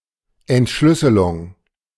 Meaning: decryption
- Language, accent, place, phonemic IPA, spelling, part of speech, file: German, Germany, Berlin, /ʔɛntˈʃlʏsəlʊŋ/, Entschlüsselung, noun, De-Entschlüsselung.ogg